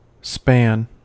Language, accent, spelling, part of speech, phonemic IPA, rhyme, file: English, US, span, noun, /spæn/, -æn, En-us-span.ogg
- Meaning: The full width of an open hand from the end of the thumb to the end of the little finger used as an informal unit of length